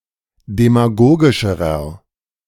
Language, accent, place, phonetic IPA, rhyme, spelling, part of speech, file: German, Germany, Berlin, [demaˈɡoːɡɪʃəʁɐ], -oːɡɪʃəʁɐ, demagogischerer, adjective, De-demagogischerer.ogg
- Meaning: inflection of demagogisch: 1. strong/mixed nominative masculine singular comparative degree 2. strong genitive/dative feminine singular comparative degree 3. strong genitive plural comparative degree